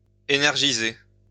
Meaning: to energize
- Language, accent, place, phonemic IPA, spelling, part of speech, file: French, France, Lyon, /e.nɛʁ.ʒi.ze/, énergiser, verb, LL-Q150 (fra)-énergiser.wav